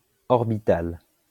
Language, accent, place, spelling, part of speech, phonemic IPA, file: French, France, Lyon, orbitale, adjective / noun, /ɔʁ.bi.tal/, LL-Q150 (fra)-orbitale.wav
- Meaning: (adjective) feminine singular of orbital; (noun) orbital (of an atom or molecule)